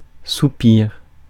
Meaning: 1. sigh 2. quarter note rest
- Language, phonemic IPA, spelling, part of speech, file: French, /su.piʁ/, soupir, noun, Fr-soupir.ogg